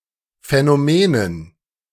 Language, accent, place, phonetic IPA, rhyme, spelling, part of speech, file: German, Germany, Berlin, [fɛnoˈmeːnən], -eːnən, Phänomenen, noun, De-Phänomenen.ogg
- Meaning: dative plural of Phänomen